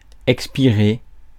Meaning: 1. to breathe out 2. to draw one's last breath, to pass away 3. to expire, to run out
- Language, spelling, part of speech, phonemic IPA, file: French, expirer, verb, /ɛk.spi.ʁe/, Fr-expirer.ogg